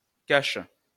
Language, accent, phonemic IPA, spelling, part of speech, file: French, France, /kaʃ/, cache, noun / verb, LL-Q150 (fra)-cache.wav
- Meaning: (noun) 1. cache, hiding place for later retrieval 2. cover, mask 3. cache; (verb) inflection of cacher: first/third-person singular present indicative/subjunctive